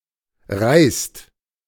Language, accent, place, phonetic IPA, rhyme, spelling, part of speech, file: German, Germany, Berlin, [ʁaɪ̯st], -aɪ̯st, reißt, verb, De-reißt.ogg
- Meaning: inflection of reißen: 1. second/third-person singular present 2. second-person plural present 3. plural imperative